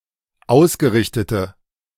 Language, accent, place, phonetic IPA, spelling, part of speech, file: German, Germany, Berlin, [ˈaʊ̯sɡəˌʁɪçtətə], ausgerichtete, adjective, De-ausgerichtete.ogg
- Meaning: inflection of ausgerichtet: 1. strong/mixed nominative/accusative feminine singular 2. strong nominative/accusative plural 3. weak nominative all-gender singular